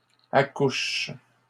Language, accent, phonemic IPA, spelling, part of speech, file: French, Canada, /a.kuʃ/, accouchent, verb, LL-Q150 (fra)-accouchent.wav
- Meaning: third-person plural present indicative/subjunctive of accoucher